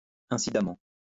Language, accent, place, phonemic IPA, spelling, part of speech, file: French, France, Lyon, /ɛ̃.si.da.mɑ̃/, incidemment, adverb, LL-Q150 (fra)-incidemment.wav
- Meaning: incidentally (in an incidental manner)